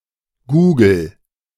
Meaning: inflection of googeln: 1. first-person singular present 2. singular imperative
- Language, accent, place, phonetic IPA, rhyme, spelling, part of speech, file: German, Germany, Berlin, [ˈɡuːɡl̩], -uːɡl̩, googel, verb, De-googel.ogg